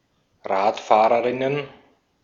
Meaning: plural of Radfahrerin
- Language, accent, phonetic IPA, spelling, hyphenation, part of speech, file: German, Austria, [ˈʁaːtˌfaːʁəʁɪnən], Radfahrerinnen, Rad‧fah‧re‧rin‧nen, noun, De-at-Radfahrerinnen.ogg